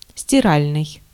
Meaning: washing
- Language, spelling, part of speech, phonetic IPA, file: Russian, стиральный, adjective, [sʲtʲɪˈralʲnɨj], Ru-стиральный.ogg